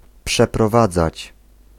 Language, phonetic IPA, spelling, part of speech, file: Polish, [ˌpʃɛprɔˈvad͡zat͡ɕ], przeprowadzać, verb, Pl-przeprowadzać.ogg